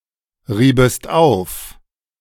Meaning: second-person singular subjunctive II of aufreiben
- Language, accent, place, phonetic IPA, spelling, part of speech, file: German, Germany, Berlin, [ˌʁiːbəst ˈaʊ̯f], riebest auf, verb, De-riebest auf.ogg